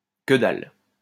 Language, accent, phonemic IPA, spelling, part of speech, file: French, France, /kə dal/, que dalle, phrase, LL-Q150 (fra)-que dalle.wav
- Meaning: sod all, naff all, jack shit (nothing)